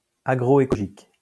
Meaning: agroecological
- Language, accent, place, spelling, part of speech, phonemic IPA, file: French, France, Lyon, agroécologique, adjective, /a.ɡʁo.e.kɔ.lɔ.ʒik/, LL-Q150 (fra)-agroécologique.wav